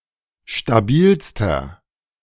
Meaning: inflection of stabil: 1. strong/mixed nominative masculine singular superlative degree 2. strong genitive/dative feminine singular superlative degree 3. strong genitive plural superlative degree
- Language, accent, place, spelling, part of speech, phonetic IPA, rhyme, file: German, Germany, Berlin, stabilster, adjective, [ʃtaˈbiːlstɐ], -iːlstɐ, De-stabilster.ogg